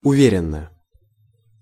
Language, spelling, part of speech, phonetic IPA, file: Russian, уверенно, adverb, [ʊˈvʲerʲɪn(ː)ə], Ru-уверенно.ogg
- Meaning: 1. confidently (in a confident manner) 2. to down, to slam (an alcoholic drink)